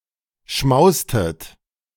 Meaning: inflection of schmausen: 1. second-person plural preterite 2. second-person plural subjunctive II
- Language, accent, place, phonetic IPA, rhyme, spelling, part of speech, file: German, Germany, Berlin, [ˈʃmaʊ̯stət], -aʊ̯stət, schmaustet, verb, De-schmaustet.ogg